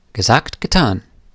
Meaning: no sooner said than done
- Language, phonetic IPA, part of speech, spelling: German, [ɡəˈzaːkt ɡəˈtaːn], phrase, gesagt, getan